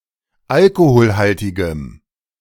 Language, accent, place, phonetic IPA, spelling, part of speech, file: German, Germany, Berlin, [ˈalkohoːlhaltɪɡəm], alkoholhaltigem, adjective, De-alkoholhaltigem.ogg
- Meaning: strong dative masculine/neuter singular of alkoholhaltig